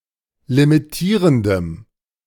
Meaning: strong dative masculine/neuter singular of limitierend
- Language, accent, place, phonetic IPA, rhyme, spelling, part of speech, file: German, Germany, Berlin, [limiˈtiːʁəndəm], -iːʁəndəm, limitierendem, adjective, De-limitierendem.ogg